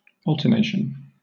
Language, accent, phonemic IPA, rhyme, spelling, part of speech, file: English, Southern England, /ˈɒl.tə(ɹ)ˌneɪ.ʃən/, -eɪʃən, alternation, noun, LL-Q1860 (eng)-alternation.wav
- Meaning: The reciprocal succession of (normally two) things in time or place; the act of following and being followed by turns; alternate succession, performance, or occurrence